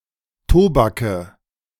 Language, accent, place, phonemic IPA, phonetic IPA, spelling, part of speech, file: German, Germany, Berlin, /ˈtoːbakə/, [ˈtʰoːbakʰə], Tobake, noun, De-Tobake.ogg
- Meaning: nominative/accusative/genitive plural of Tobak